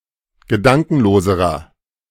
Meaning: inflection of gedankenlos: 1. strong/mixed nominative masculine singular comparative degree 2. strong genitive/dative feminine singular comparative degree 3. strong genitive plural comparative degree
- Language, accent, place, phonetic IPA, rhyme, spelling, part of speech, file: German, Germany, Berlin, [ɡəˈdaŋkn̩loːzəʁɐ], -aŋkn̩loːzəʁɐ, gedankenloserer, adjective, De-gedankenloserer.ogg